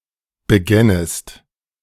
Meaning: second-person singular subjunctive II of beginnen
- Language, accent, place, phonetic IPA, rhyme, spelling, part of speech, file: German, Germany, Berlin, [bəˈɡɛnəst], -ɛnəst, begännest, verb, De-begännest.ogg